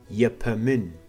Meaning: to smell
- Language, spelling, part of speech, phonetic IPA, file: Kabardian, епэмын, verb, [japamən], Japaməm.ogg